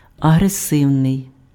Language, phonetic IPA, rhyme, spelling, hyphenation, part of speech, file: Ukrainian, [ɐɦreˈsɪu̯nei̯], -ɪu̯nei̯, агресивний, агре‧сив‧ний, adjective, Uk-агресивний.ogg
- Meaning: aggressive